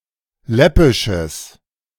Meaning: strong/mixed nominative/accusative neuter singular of läppisch
- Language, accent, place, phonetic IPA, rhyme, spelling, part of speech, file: German, Germany, Berlin, [ˈlɛpɪʃəs], -ɛpɪʃəs, läppisches, adjective, De-läppisches.ogg